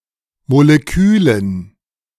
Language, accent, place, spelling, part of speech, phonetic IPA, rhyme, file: German, Germany, Berlin, Molekülen, noun, [moleˈkyːlən], -yːlən, De-Molekülen.ogg
- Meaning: dative plural of Molekül